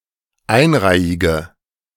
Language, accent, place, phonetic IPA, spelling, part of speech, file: German, Germany, Berlin, [ˈaɪ̯nˌʁaɪ̯ɪɡə], einreihige, adjective, De-einreihige.ogg
- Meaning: inflection of einreihig: 1. strong/mixed nominative/accusative feminine singular 2. strong nominative/accusative plural 3. weak nominative all-gender singular